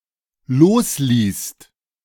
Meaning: second-person singular/plural dependent preterite of loslassen
- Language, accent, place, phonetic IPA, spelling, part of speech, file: German, Germany, Berlin, [ˈloːsˌliːst], losließt, verb, De-losließt.ogg